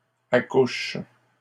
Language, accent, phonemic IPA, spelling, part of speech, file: French, Canada, /a.kuʃ/, accouches, verb, LL-Q150 (fra)-accouches.wav
- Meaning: second-person singular present indicative/subjunctive of accoucher